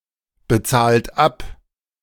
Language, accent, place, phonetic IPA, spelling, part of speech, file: German, Germany, Berlin, [bəˌt͡saːlt ˈap], bezahlt ab, verb, De-bezahlt ab.ogg
- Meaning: inflection of abbezahlen: 1. third-person singular present 2. second-person plural present 3. plural imperative